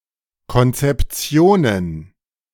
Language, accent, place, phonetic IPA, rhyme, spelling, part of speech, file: German, Germany, Berlin, [kɔnt͡sɛpˈt͡si̯oːnən], -oːnən, Konzeptionen, noun, De-Konzeptionen.ogg
- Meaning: plural of Konzeption